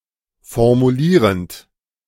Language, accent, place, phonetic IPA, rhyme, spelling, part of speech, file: German, Germany, Berlin, [fɔʁmuˈliːʁənt], -iːʁənt, formulierend, verb, De-formulierend.ogg
- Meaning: present participle of formulieren